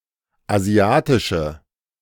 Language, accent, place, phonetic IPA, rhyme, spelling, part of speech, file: German, Germany, Berlin, [aˈzi̯aːtɪʃə], -aːtɪʃə, asiatische, adjective, De-asiatische.ogg
- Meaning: inflection of asiatisch: 1. strong/mixed nominative/accusative feminine singular 2. strong nominative/accusative plural 3. weak nominative all-gender singular